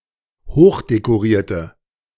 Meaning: inflection of hochdekoriert: 1. strong/mixed nominative/accusative feminine singular 2. strong nominative/accusative plural 3. weak nominative all-gender singular
- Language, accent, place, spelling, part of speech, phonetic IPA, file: German, Germany, Berlin, hochdekorierte, adjective, [ˈhoːxdekoˌʁiːɐ̯tə], De-hochdekorierte.ogg